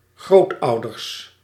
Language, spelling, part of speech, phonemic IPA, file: Dutch, grootouders, noun, /ˈɣrotɑudərs/, Nl-grootouders.ogg
- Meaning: plural of grootouder